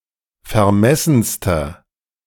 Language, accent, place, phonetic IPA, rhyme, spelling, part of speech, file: German, Germany, Berlin, [fɛɐ̯ˈmɛsn̩stɐ], -ɛsn̩stɐ, vermessenster, adjective, De-vermessenster.ogg
- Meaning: inflection of vermessen: 1. strong/mixed nominative masculine singular superlative degree 2. strong genitive/dative feminine singular superlative degree 3. strong genitive plural superlative degree